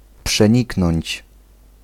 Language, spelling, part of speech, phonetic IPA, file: Polish, przeniknąć, verb, [pʃɛ̃ˈɲiknɔ̃ɲt͡ɕ], Pl-przeniknąć.ogg